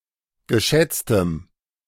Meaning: strong dative masculine/neuter singular of geschätzt
- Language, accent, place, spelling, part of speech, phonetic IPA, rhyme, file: German, Germany, Berlin, geschätztem, adjective, [ɡəˈʃɛt͡stəm], -ɛt͡stəm, De-geschätztem.ogg